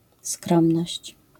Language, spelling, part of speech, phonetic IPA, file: Polish, skromność, noun, [ˈskrɔ̃mnɔɕt͡ɕ], LL-Q809 (pol)-skromność.wav